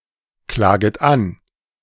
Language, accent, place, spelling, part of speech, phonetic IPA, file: German, Germany, Berlin, klaget an, verb, [ˌklaːɡət ˈan], De-klaget an.ogg
- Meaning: second-person plural subjunctive I of anklagen